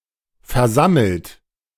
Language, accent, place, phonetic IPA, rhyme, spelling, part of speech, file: German, Germany, Berlin, [fɛɐ̯ˈzaml̩t], -aml̩t, versammelt, verb, De-versammelt.ogg
- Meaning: 1. past participle of versammeln 2. inflection of versammeln: third-person singular present 3. inflection of versammeln: second-person plural present 4. inflection of versammeln: plural imperative